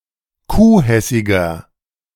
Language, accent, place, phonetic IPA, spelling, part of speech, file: German, Germany, Berlin, [ˈkuːˌhɛsɪɡɐ], kuhhessiger, adjective, De-kuhhessiger.ogg
- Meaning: inflection of kuhhessig: 1. strong/mixed nominative masculine singular 2. strong genitive/dative feminine singular 3. strong genitive plural